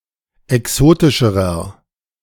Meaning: inflection of exotisch: 1. strong/mixed nominative masculine singular comparative degree 2. strong genitive/dative feminine singular comparative degree 3. strong genitive plural comparative degree
- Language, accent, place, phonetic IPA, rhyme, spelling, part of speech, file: German, Germany, Berlin, [ɛˈksoːtɪʃəʁɐ], -oːtɪʃəʁɐ, exotischerer, adjective, De-exotischerer.ogg